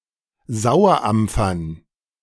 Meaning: dative plural of Sauerampfer
- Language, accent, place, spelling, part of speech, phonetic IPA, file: German, Germany, Berlin, Sauerampfern, noun, [ˈzaʊ̯ɐˌʔamp͡fɐn], De-Sauerampfern.ogg